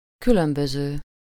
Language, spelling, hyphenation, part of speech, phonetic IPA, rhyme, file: Hungarian, különböző, kü‧lön‧bö‧ző, verb / adjective, [ˈkylømbøzøː], -zøː, Hu-különböző.ogg
- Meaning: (verb) present participle of különbözik; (adjective) different, dissimilar